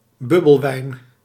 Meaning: synonym of mousserende wijn
- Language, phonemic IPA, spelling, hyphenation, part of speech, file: Dutch, /ˈbʏ.bəlˌʋɛi̯n/, bubbelwijn, bub‧bel‧wijn, noun, Nl-bubbelwijn.ogg